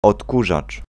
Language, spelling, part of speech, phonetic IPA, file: Polish, odkurzacz, noun, [ɔtˈkuʒat͡ʃ], Pl-odkurzacz.ogg